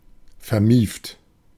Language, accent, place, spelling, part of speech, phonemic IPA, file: German, Germany, Berlin, vermieft, adjective, /fɛɐ̯ˈmiːft/, De-vermieft.ogg
- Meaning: musty